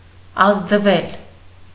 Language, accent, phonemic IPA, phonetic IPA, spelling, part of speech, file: Armenian, Eastern Armenian, /ɑzdˈvel/, [ɑzdvél], ազդվել, verb, Hy-ազդվել.ogg
- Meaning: 1. mediopassive of ազդել (azdel) 2. to be felt, touched, moved (of emotions) 3. to take into account